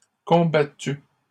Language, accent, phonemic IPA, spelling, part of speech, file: French, Canada, /kɔ̃.ba.ty/, combattues, verb, LL-Q150 (fra)-combattues.wav
- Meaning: feminine plural of combattu